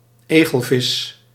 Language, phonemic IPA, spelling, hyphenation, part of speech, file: Dutch, /ˈeː.ɣəlˌvɪs/, egelvis, egel‧vis, noun, Nl-egelvis.ogg
- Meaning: porcupinefish, any fish of the Diodontidae